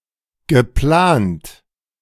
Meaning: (verb) past participle of planen; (adjective) proposed, scheduled, planned
- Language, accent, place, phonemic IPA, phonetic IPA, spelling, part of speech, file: German, Germany, Berlin, /ɡəˈplaːnt/, [ɡəˈpʰlaːntʰ], geplant, verb / adjective, De-geplant.ogg